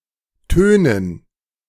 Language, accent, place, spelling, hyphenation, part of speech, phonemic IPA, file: German, Germany, Berlin, Tönen, Tö‧nen, noun, /ˈtøːnən/, De-Tönen.ogg
- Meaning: 1. gerund of tönen 2. dative plural of Ton